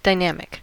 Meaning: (adjective) 1. Changing; active; in motion 2. Powerful; energetic 3. Able to change and adapt 4. Having to do with the volume of sound
- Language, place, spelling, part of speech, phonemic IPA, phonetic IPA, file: English, California, dynamic, adjective / noun, /daɪˈnæm.ɪk/, [daɪˈnɛəm.ɪk], En-us-dynamic.ogg